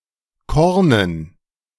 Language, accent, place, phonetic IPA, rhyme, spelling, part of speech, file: German, Germany, Berlin, [ˈkɔʁnən], -ɔʁnən, Kornen, noun, De-Kornen.ogg
- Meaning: dative plural of Korn